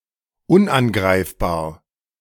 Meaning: 1. unassailable 2. impregnable 3. invulnerable
- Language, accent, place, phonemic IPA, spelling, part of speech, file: German, Germany, Berlin, /ˈʊnʔanˌɡʁaɪ̯fbaːɐ̯/, unangreifbar, adjective, De-unangreifbar.ogg